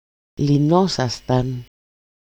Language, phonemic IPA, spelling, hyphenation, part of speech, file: Greek, /liˈnosastan/, λυνόσασταν, λυ‧νό‧σα‧σταν, verb, El-λυνόσασταν.ogg
- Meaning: second-person plural imperfect passive indicative of λύνω (lýno)